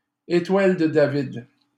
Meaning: Star of David
- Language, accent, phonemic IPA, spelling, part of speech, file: French, Canada, /e.twal də da.vid/, étoile de David, noun, LL-Q150 (fra)-étoile de David.wav